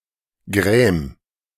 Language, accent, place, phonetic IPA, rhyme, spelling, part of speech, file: German, Germany, Berlin, [ɡʁɛːm], -ɛːm, gräm, verb, De-gräm.ogg
- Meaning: 1. singular imperative of grämen 2. first-person singular present of grämen 3. imperative of gräma